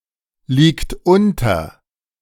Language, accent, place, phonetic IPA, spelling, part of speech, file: German, Germany, Berlin, [ˌliːkt ˈʊntɐ], liegt unter, verb, De-liegt unter.ogg
- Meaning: inflection of unterliegen: 1. third-person singular present 2. second-person plural present 3. plural imperative